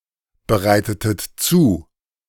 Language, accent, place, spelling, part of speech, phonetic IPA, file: German, Germany, Berlin, bereitetet zu, verb, [bəˌʁaɪ̯tətət ˈt͡suː], De-bereitetet zu.ogg
- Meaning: inflection of zubereiten: 1. second-person plural preterite 2. second-person plural subjunctive II